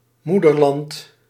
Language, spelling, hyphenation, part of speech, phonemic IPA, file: Dutch, moederland, moe‧der‧land, noun, /ˈmudərˌlɑnt/, Nl-moederland.ogg
- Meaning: motherland